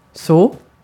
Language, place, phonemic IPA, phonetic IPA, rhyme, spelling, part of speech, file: Swedish, Gotland, /soː/, [s̪oə̯], -oː, så, adverb / conjunction / pronoun / noun / verb, Sv-så.ogg
- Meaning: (adverb) 1. so, like that, in such a way 2. so, alright (to indicate that something is finished) 3. so (to such a degree) 4. so (after inte (“not”))